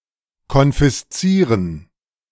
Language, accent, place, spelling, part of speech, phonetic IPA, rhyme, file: German, Germany, Berlin, konfiszieren, verb, [kɔnfɪsˈt͡siːʁən], -iːʁən, De-konfiszieren.ogg
- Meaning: to confiscate